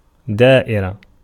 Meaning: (noun) 1. a defeat 2. bureaucratic division, department, office 3. calamity, disaster, misfortune 4. county, daïra, a type of administrative division in Algeria, subdivision of a wilaya 5. circle
- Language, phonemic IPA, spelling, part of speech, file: Arabic, /daː.ʔi.ra/, دائرة, noun / adjective, Ar-دائرة.ogg